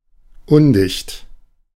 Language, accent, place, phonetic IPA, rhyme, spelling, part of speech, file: German, Germany, Berlin, [ˈʊndɪçt], -ʊndɪçt, undicht, adjective, De-undicht.ogg
- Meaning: leaky, not watertight